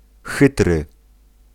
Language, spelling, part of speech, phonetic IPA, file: Polish, chytry, adjective, [ˈxɨtrɨ], Pl-chytry.ogg